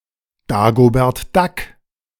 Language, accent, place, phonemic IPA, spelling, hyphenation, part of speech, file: German, Germany, Berlin, /ˈdaːɡobɛɐ̯t ˈdak/, Dagobert Duck, Da‧go‧bert Duck, proper noun / noun, De-Dagobert Duck.ogg
- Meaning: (proper noun) Scrooge McDuck, Uncle Scrooge (Disney character); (noun) Uncle Scrooge (rich miser)